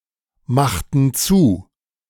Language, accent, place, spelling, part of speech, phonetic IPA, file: German, Germany, Berlin, machten zu, verb, [ˌmaxtn̩ ˈt͡suː], De-machten zu.ogg
- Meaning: inflection of zumachen: 1. first/third-person plural preterite 2. first/third-person plural subjunctive II